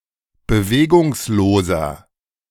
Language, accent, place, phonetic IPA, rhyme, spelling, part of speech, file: German, Germany, Berlin, [bəˈveːɡʊŋsloːzɐ], -eːɡʊŋsloːzɐ, bewegungsloser, adjective, De-bewegungsloser.ogg
- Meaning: inflection of bewegungslos: 1. strong/mixed nominative masculine singular 2. strong genitive/dative feminine singular 3. strong genitive plural